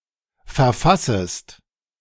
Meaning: second-person singular subjunctive I of verfassen
- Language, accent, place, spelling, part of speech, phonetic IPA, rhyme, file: German, Germany, Berlin, verfassest, verb, [fɛɐ̯ˈfasəst], -asəst, De-verfassest.ogg